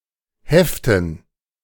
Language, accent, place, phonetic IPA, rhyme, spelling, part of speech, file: German, Germany, Berlin, [ˈhɛftn̩], -ɛftn̩, Heften, noun, De-Heften.ogg
- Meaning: dative plural of Heft